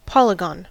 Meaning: 1. A plane figure bounded by edges that are all straight lines 2. The boundary of such a figure 3. A figure comprising vertices and (not necessarily straight) edges, alternatingly
- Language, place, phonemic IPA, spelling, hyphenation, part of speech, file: English, California, /ˈpɑliˌɡɑn/, polygon, pol‧y‧gon, noun, En-us-polygon.ogg